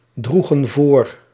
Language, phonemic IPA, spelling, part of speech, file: Dutch, /ˈdruɣə(n) ˈvor/, droegen voor, verb, Nl-droegen voor.ogg
- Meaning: inflection of voordragen: 1. plural past indicative 2. plural past subjunctive